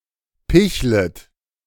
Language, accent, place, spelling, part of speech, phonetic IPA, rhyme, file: German, Germany, Berlin, pichlet, verb, [ˈpɪçlət], -ɪçlət, De-pichlet.ogg
- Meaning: second-person plural subjunctive I of picheln